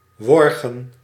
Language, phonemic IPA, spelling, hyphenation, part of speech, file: Dutch, /ˈʋɔr.ɣə(n)/, worgen, wor‧gen, verb, Nl-worgen.ogg
- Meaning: alternative form of wurgen